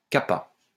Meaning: kappa (Greek letter)
- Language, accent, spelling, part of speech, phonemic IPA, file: French, France, kappa, noun, /ka.pa/, LL-Q150 (fra)-kappa.wav